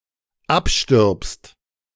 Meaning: second-person singular dependent present of absterben
- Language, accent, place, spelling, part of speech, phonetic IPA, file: German, Germany, Berlin, abstirbst, verb, [ˈapʃtɪʁpst], De-abstirbst.ogg